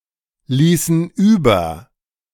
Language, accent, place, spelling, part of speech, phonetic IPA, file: German, Germany, Berlin, ließen über, verb, [ˌliːsn̩ ˈyːbɐ], De-ließen über.ogg
- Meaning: inflection of überlassen: 1. first/third-person plural preterite 2. first/third-person plural subjunctive II